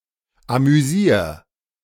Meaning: 1. singular imperative of amüsieren 2. first-person singular present of amüsieren
- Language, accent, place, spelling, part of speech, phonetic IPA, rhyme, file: German, Germany, Berlin, amüsier, verb, [amyˈziːɐ̯], -iːɐ̯, De-amüsier.ogg